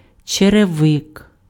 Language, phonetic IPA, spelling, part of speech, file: Ukrainian, [t͡ʃereˈʋɪk], черевик, noun, Uk-черевик.ogg
- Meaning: ankle boot; everyday or dress footwear covering the foot and reaching the ankle